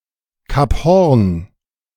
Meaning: Cape Horn
- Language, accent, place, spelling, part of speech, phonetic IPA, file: German, Germany, Berlin, Kap Hoorn, phrase, [kap ˈhoːɐ̯n], De-Kap Hoorn.ogg